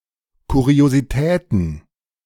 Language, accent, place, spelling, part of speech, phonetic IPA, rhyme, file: German, Germany, Berlin, Kuriositäten, noun, [ˌkuʁioziˈtɛːtn̩], -ɛːtn̩, De-Kuriositäten.ogg
- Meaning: plural of Kuriosität